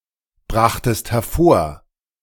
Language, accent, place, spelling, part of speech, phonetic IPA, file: German, Germany, Berlin, brachtest hervor, verb, [ˌbʁaxtəst hɛɐ̯ˈfoːɐ̯], De-brachtest hervor.ogg
- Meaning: second-person singular preterite of hervorbringen